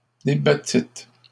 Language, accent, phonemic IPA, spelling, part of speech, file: French, Canada, /de.ba.tit/, débattîtes, verb, LL-Q150 (fra)-débattîtes.wav
- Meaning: second-person plural past historic of débattre